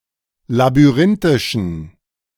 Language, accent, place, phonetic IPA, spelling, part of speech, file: German, Germany, Berlin, [labyˈʁɪntɪʃn̩], labyrinthischen, adjective, De-labyrinthischen.ogg
- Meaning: inflection of labyrinthisch: 1. strong genitive masculine/neuter singular 2. weak/mixed genitive/dative all-gender singular 3. strong/weak/mixed accusative masculine singular 4. strong dative plural